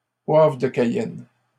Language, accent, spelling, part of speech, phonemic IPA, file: French, Canada, poivre de Cayenne, noun, /pwavʁ də ka.jɛn/, LL-Q150 (fra)-poivre de Cayenne.wav
- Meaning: 1. cayenne pepper 2. pepper spray